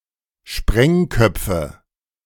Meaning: dative plural of Sprengkopf
- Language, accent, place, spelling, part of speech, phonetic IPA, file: German, Germany, Berlin, Sprengköpfen, noun, [ˈʃpʁɛŋˌkœp͡fn̩], De-Sprengköpfen.ogg